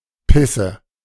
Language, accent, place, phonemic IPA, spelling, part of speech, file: German, Germany, Berlin, /ˈpɪsə/, Pisse, noun, De-Pisse.ogg
- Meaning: piss, urine